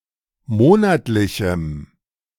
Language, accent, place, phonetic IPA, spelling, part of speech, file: German, Germany, Berlin, [ˈmoːnatlɪçm̩], monatlichem, adjective, De-monatlichem.ogg
- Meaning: strong dative masculine/neuter singular of monatlich